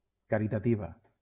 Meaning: feminine singular of caritatiu
- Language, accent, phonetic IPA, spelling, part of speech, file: Catalan, Valencia, [ka.ɾi.taˈti.va], caritativa, adjective, LL-Q7026 (cat)-caritativa.wav